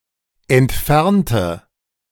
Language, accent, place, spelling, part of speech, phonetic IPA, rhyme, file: German, Germany, Berlin, entfernte, adjective / verb, [ɛntˈfɛʁntə], -ɛʁntə, De-entfernte.ogg
- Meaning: inflection of entfernen: 1. first/third-person singular preterite 2. first/third-person singular subjunctive II